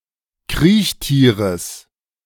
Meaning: genitive of Kriechtier
- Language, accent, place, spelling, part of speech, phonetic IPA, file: German, Germany, Berlin, Kriechtieres, noun, [ˈkʁiːçˌtiːʁəs], De-Kriechtieres.ogg